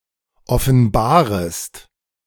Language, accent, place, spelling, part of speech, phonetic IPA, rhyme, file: German, Germany, Berlin, offenbarest, verb, [ɔfn̩ˈbaːʁəst], -aːʁəst, De-offenbarest.ogg
- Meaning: second-person singular subjunctive I of offenbaren